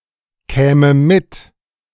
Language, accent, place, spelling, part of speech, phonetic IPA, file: German, Germany, Berlin, käme mit, verb, [ˌkɛːmə ˈmɪt], De-käme mit.ogg
- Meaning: first/third-person singular subjunctive II of mitkommen